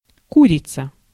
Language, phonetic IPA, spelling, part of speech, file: Russian, [ˈkurʲɪt͡sə], курица, noun, Ru-курица.ogg
- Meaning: 1. chicken (a bird of species Gallus gallus) 2. hen (female chicken) 3. chicken (flesh of a chicken used as food)